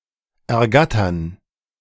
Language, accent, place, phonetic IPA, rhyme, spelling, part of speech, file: German, Germany, Berlin, [ɛɐ̯ˈɡatɐn], -atɐn, ergattern, verb, De-ergattern.ogg
- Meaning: to grab; to snatch; to get